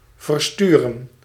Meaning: to send (off); to dispatch
- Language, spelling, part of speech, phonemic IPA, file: Dutch, versturen, verb, /vərˈstyrə(n)/, Nl-versturen.ogg